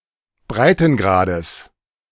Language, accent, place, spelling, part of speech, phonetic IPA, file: German, Germany, Berlin, Breitengrades, noun, [ˈbʁaɪ̯tn̩ˌɡʁaːdəs], De-Breitengrades.ogg
- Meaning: genitive of Breitengrad